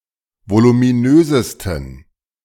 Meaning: 1. superlative degree of voluminös 2. inflection of voluminös: strong genitive masculine/neuter singular superlative degree
- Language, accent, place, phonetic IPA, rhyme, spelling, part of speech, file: German, Germany, Berlin, [volumiˈnøːzəstn̩], -øːzəstn̩, voluminösesten, adjective, De-voluminösesten.ogg